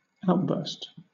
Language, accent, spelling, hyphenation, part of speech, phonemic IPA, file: English, Southern England, outburst, out‧burst, noun, /ˈaʊ̯tˌbɜːst/, LL-Q1860 (eng)-outburst.wav
- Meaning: 1. An intense period of activity 2. A sudden, often violent expression of emotion